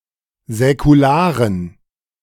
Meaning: inflection of säkular: 1. strong genitive masculine/neuter singular 2. weak/mixed genitive/dative all-gender singular 3. strong/weak/mixed accusative masculine singular 4. strong dative plural
- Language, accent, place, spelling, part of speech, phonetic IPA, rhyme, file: German, Germany, Berlin, säkularen, adjective, [zɛkuˈlaːʁən], -aːʁən, De-säkularen.ogg